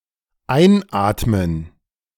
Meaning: gerund of einatmen
- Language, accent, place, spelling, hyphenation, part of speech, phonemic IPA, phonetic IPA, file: German, Germany, Berlin, Einatmen, Ein‧at‧men, noun, /ˈaɪ̯nˌaːtmən/, [ˈaɪ̯nˌʔaːtmən], De-Einatmen.ogg